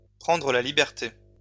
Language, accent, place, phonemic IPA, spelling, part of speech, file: French, France, Lyon, /pʁɑ̃.dʁə la li.bɛʁ.te/, prendre la liberté, verb, LL-Q150 (fra)-prendre la liberté.wav
- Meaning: to take the liberty